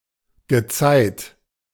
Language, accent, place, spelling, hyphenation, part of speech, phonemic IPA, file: German, Germany, Berlin, Gezeit, Ge‧zeit, noun, /ɡəˈt͡saɪ̯t/, De-Gezeit.ogg
- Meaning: tide